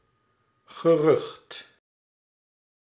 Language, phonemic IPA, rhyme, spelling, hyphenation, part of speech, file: Dutch, /ɣəˈrʏxt/, -ʏxt, gerucht, ge‧rucht, noun, Nl-gerucht.ogg
- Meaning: 1. rumor 2. sound, clamour